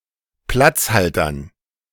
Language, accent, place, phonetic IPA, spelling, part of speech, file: German, Germany, Berlin, [ˈplat͡sˌhaltɐn], Platzhaltern, noun, De-Platzhaltern.ogg
- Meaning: dative plural of Platzhalter